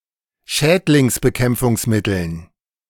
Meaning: dative plural of Schädlingsbekämpfungsmittel
- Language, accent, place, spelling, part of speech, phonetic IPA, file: German, Germany, Berlin, Schädlingsbekämpfungsmitteln, noun, [ˈʃɛːtlɪŋsbəˌkɛmp͡fʊŋsmɪtl̩n], De-Schädlingsbekämpfungsmitteln.ogg